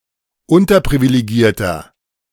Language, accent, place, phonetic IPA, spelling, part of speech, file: German, Germany, Berlin, [ˈʊntɐpʁivileˌɡiːɐ̯tɐ], unterprivilegierter, adjective, De-unterprivilegierter.ogg
- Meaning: 1. comparative degree of unterprivilegiert 2. inflection of unterprivilegiert: strong/mixed nominative masculine singular 3. inflection of unterprivilegiert: strong genitive/dative feminine singular